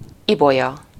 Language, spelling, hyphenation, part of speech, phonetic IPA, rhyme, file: Hungarian, ibolya, ibo‧lya, adjective / noun, [ˈibojɒ], -jɒ, Hu-ibolya.ogg
- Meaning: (adjective) violet (colour); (noun) violet (flower)